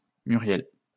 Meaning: a female given name
- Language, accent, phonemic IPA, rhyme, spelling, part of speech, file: French, France, /my.ʁjɛl/, -ɛl, Muriel, proper noun, LL-Q150 (fra)-Muriel.wav